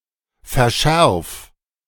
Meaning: 1. singular imperative of verschärfen 2. first-person singular present of verschärfen
- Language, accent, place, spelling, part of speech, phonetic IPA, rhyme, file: German, Germany, Berlin, verschärf, verb, [fɛɐ̯ˈʃɛʁf], -ɛʁf, De-verschärf.ogg